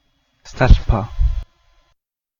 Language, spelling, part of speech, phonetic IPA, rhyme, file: Icelandic, stelpa, noun, [ˈstɛl̥pa], -ɛl̥pa, Is-stelpa.ogg
- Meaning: girl (informal)